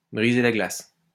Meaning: to break the ice
- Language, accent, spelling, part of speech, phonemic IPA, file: French, France, briser la glace, verb, /bʁi.ze la ɡlas/, LL-Q150 (fra)-briser la glace.wav